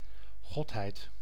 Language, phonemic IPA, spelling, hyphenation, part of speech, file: Dutch, /ˈɣɔt.ɦɛi̯t/, godheid, god‧heid, noun, Nl-godheid.ogg
- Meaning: 1. a divinity, deity, male or female 2. The divine nature of God, notably in monotheistic theology